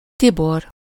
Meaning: a male given name, equivalent to English Tiberius
- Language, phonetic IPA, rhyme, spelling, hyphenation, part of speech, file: Hungarian, [ˈtibor], -or, Tibor, Ti‧bor, proper noun, Hu-Tibor.ogg